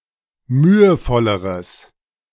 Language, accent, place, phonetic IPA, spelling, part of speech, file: German, Germany, Berlin, [ˈmyːəˌfɔləʁəs], mühevolleres, adjective, De-mühevolleres.ogg
- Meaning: strong/mixed nominative/accusative neuter singular comparative degree of mühevoll